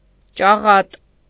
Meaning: bald-headed, bald
- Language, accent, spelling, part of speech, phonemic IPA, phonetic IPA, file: Armenian, Eastern Armenian, ճաղատ, adjective, /t͡ʃɑˈʁɑt/, [t͡ʃɑʁɑ́t], Hy-ճաղատ.ogg